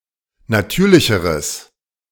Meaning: strong/mixed nominative/accusative neuter singular comparative degree of natürlich
- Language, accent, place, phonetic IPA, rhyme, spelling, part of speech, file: German, Germany, Berlin, [naˈtyːɐ̯lɪçəʁəs], -yːɐ̯lɪçəʁəs, natürlicheres, adjective, De-natürlicheres.ogg